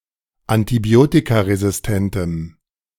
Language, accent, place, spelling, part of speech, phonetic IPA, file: German, Germany, Berlin, antibiotikaresistentem, adjective, [antiˈbi̯oːtikaʁezɪsˌtɛntəm], De-antibiotikaresistentem.ogg
- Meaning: strong dative masculine/neuter singular of antibiotikaresistent